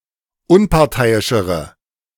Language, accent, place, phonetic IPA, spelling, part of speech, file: German, Germany, Berlin, [ˈʊnpaʁˌtaɪ̯ɪʃəʁə], unparteiischere, adjective, De-unparteiischere.ogg
- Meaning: inflection of unparteiisch: 1. strong/mixed nominative/accusative feminine singular comparative degree 2. strong nominative/accusative plural comparative degree